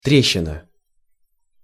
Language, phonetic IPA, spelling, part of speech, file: Russian, [ˈtrʲeɕːɪnə], трещина, noun, Ru-трещина.ogg
- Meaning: crevice, crack (thin space opened in a previously solid material)